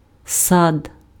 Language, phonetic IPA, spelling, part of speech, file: Ukrainian, [sad], сад, noun, Uk-сад.ogg
- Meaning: 1. garden, orchard 2. park, garden